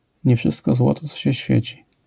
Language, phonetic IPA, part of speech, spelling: Polish, [ɲɛ‿ˈfʃɨstkɔ ˈzwɔtɔ ˈt͡sɔ‿ɕɛ ˈɕfʲjɛ̇t͡ɕi], proverb, nie wszystko złoto, co się świeci